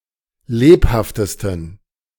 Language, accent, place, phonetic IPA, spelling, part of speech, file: German, Germany, Berlin, [ˈleːphaftəstn̩], lebhaftesten, adjective, De-lebhaftesten.ogg
- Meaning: 1. superlative degree of lebhaft 2. inflection of lebhaft: strong genitive masculine/neuter singular superlative degree